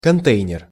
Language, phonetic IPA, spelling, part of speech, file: Russian, [kɐnˈtɛjnʲɪr], контейнер, noun, Ru-контейнер.ogg
- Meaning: container